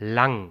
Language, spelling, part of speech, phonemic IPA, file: German, lang, adjective / adverb / postposition / verb, /laŋ(k)/, De-lang.ogg
- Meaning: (adjective) 1. long; lengthy (in space or time) 2. tall 3. many (indicating the length of the time in total); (adverb) 1. alternative form of lange 2. long, sprawled, stretched (physically)